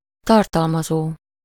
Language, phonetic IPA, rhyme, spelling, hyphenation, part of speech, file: Hungarian, [ˈtɒrtɒlmɒzoː], -zoː, tartalmazó, tar‧tal‧ma‧zó, verb, Hu-tartalmazó.ogg
- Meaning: present participle of tartalmaz: containing